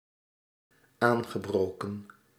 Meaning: past participle of aanbreken
- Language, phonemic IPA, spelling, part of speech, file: Dutch, /ˈaːŋɣəˌbroːkə(n)/, aangebroken, verb, Nl-aangebroken.ogg